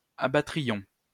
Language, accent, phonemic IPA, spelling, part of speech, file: French, France, /a.ba.tʁi.jɔ̃/, abattrions, verb, LL-Q150 (fra)-abattrions.wav
- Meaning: first-person plural conditional of abattre